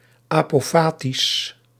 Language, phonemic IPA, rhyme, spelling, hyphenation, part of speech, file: Dutch, /ˌaː.poːˈfaː.tis/, -aːtis, apofatisch, apo‧fa‧tisch, adjective, Nl-apofatisch.ogg
- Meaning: describing something from what it is not; apophatic